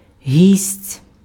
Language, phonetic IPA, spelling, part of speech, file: Ukrainian, [ɦʲisʲtʲ], гість, noun, Uk-гість.ogg
- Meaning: guest, visitor